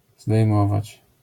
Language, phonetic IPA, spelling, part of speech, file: Polish, [zdɛjˈmɔvat͡ɕ], zdejmować, verb, LL-Q809 (pol)-zdejmować.wav